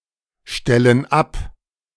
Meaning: inflection of abstellen: 1. first/third-person plural present 2. first/third-person plural subjunctive I
- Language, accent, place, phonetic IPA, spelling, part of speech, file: German, Germany, Berlin, [ˌʃtɛlən ˈap], stellen ab, verb, De-stellen ab.ogg